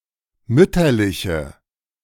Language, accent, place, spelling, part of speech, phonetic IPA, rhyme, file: German, Germany, Berlin, mütterliche, adjective, [ˈmʏtɐlɪçə], -ʏtɐlɪçə, De-mütterliche.ogg
- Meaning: inflection of mütterlich: 1. strong/mixed nominative/accusative feminine singular 2. strong nominative/accusative plural 3. weak nominative all-gender singular